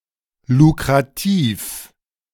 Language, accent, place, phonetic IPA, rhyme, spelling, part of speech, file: German, Germany, Berlin, [lukʁaˈtiːf], -iːf, lukrativ, adjective, De-lukrativ.ogg
- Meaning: lucrative (profitable, allowing the earning of a lot of money)